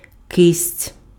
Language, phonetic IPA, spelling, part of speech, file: Ukrainian, [kɪsʲtʲ], кисть, noun, Uk-кисть.ogg
- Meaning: hand